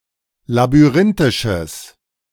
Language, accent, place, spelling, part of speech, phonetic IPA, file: German, Germany, Berlin, labyrinthisches, adjective, [labyˈʁɪntɪʃəs], De-labyrinthisches.ogg
- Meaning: strong/mixed nominative/accusative neuter singular of labyrinthisch